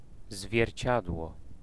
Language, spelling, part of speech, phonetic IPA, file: Polish, zwierciadło, noun, [zvʲjɛrʲˈt͡ɕadwɔ], Pl-zwierciadło.ogg